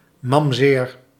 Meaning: rare form of mamzer
- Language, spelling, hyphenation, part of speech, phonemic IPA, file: Dutch, mamzeer, mam‧zeer, noun, /mɑmˈzeːr/, Nl-mamzeer.ogg